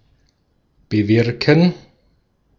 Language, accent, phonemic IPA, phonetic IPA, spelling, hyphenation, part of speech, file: German, Austria, /bəˈvɪʁkən/, [bəˈvɪʁkŋ̩], bewirken, be‧wir‧ken, verb, De-at-bewirken.ogg
- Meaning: to bring about (to cause to take place)